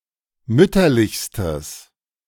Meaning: strong/mixed nominative/accusative neuter singular superlative degree of mütterlich
- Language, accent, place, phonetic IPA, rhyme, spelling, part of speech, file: German, Germany, Berlin, [ˈmʏtɐlɪçstəs], -ʏtɐlɪçstəs, mütterlichstes, adjective, De-mütterlichstes.ogg